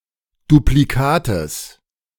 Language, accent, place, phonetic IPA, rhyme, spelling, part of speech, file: German, Germany, Berlin, [dupliˈkaːtəs], -aːtəs, Duplikates, noun, De-Duplikates.ogg
- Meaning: genitive singular of Duplikat